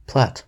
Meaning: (noun) 1. A plot of land; a lot 2. A map showing the boundaries of real properties (delineating one or more plots of land), especially one that forms part of a legal document 3. A plot, a scheme
- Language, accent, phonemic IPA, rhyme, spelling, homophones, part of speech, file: English, US, /plæt/, -æt, plat, plait / Platte, noun / verb / adjective / adverb, En-us-plat.ogg